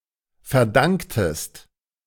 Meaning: inflection of verdanken: 1. second-person singular preterite 2. second-person singular subjunctive II
- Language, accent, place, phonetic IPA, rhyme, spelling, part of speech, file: German, Germany, Berlin, [fɛɐ̯ˈdaŋktəst], -aŋktəst, verdanktest, verb, De-verdanktest.ogg